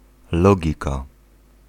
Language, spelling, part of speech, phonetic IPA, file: Polish, logika, noun, [ˈlɔɟika], Pl-logika.ogg